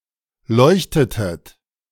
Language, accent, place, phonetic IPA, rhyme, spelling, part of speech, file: German, Germany, Berlin, [ˈlɔɪ̯çtətət], -ɔɪ̯çtətət, leuchtetet, verb, De-leuchtetet.ogg
- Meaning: inflection of leuchten: 1. second-person plural preterite 2. second-person plural subjunctive II